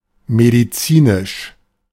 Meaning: 1. medicinal, medicated 2. medical
- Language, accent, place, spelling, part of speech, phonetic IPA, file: German, Germany, Berlin, medizinisch, adjective, [mediˈtsiːnɪʃ], De-medizinisch.ogg